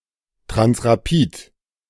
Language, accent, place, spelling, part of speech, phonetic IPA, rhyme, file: German, Germany, Berlin, Transrapid, noun, [tʁansʁaˈpiːt], -iːt, De-Transrapid.ogg
- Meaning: A German maglev monorail system